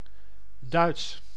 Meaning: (adjective) 1. German 2. Dutch 3. Teutonic; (proper noun) German language
- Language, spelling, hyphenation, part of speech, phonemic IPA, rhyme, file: Dutch, Duits, Duits, adjective / proper noun, /dœy̯ts/, -œy̯ts, Nl-Duits.ogg